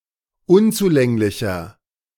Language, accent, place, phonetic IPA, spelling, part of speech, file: German, Germany, Berlin, [ˈʊnt͡suˌlɛŋlɪçɐ], unzulänglicher, adjective, De-unzulänglicher.ogg
- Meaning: 1. comparative degree of unzulänglich 2. inflection of unzulänglich: strong/mixed nominative masculine singular 3. inflection of unzulänglich: strong genitive/dative feminine singular